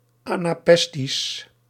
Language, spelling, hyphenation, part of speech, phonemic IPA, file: Dutch, anapestisch, ana‧pes‧tisch, adjective, /ˌaː.naːˈpɛs.tis/, Nl-anapestisch.ogg
- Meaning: anapestic